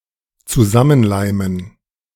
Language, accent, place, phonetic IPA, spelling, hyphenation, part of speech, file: German, Germany, Berlin, [t͡suˈzamənˌlaɪ̯mən], zusammenleimen, zu‧sam‧men‧lei‧men, verb, De-zusammenleimen.ogg
- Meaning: to glue together